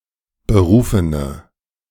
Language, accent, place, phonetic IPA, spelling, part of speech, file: German, Germany, Berlin, [bəˈʁuːfənə], berufene, adjective, De-berufene.ogg
- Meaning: inflection of berufen: 1. strong/mixed nominative/accusative feminine singular 2. strong nominative/accusative plural 3. weak nominative all-gender singular 4. weak accusative feminine/neuter singular